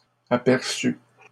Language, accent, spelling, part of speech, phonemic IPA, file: French, Canada, aperçues, verb, /a.pɛʁ.sy/, LL-Q150 (fra)-aperçues.wav
- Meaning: feminine plural of aperçu